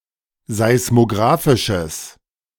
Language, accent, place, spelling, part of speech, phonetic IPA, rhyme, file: German, Germany, Berlin, seismografisches, adjective, [zaɪ̯smoˈɡʁaːfɪʃəs], -aːfɪʃəs, De-seismografisches.ogg
- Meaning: strong/mixed nominative/accusative neuter singular of seismografisch